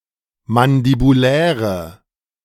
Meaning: inflection of mandibulär: 1. strong/mixed nominative/accusative feminine singular 2. strong nominative/accusative plural 3. weak nominative all-gender singular
- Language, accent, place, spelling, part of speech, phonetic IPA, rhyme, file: German, Germany, Berlin, mandibuläre, adjective, [mandibuˈlɛːʁə], -ɛːʁə, De-mandibuläre.ogg